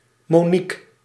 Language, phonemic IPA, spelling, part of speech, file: Dutch, /moːˈnik/, Monique, proper noun, Nl-Monique.ogg
- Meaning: a female given name